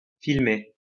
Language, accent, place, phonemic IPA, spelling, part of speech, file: French, France, Lyon, /fil.me/, filmer, verb, LL-Q150 (fra)-filmer.wav
- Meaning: to film